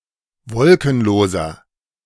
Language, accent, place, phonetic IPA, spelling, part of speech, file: German, Germany, Berlin, [ˈvɔlkn̩ˌloːzɐ], wolkenloser, adjective, De-wolkenloser.ogg
- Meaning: inflection of wolkenlos: 1. strong/mixed nominative masculine singular 2. strong genitive/dative feminine singular 3. strong genitive plural